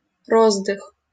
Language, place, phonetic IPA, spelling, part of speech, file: Russian, Saint Petersburg, [ˈrozdɨx], роздых, noun, LL-Q7737 (rus)-роздых.wav
- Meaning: brief rest, breather, respite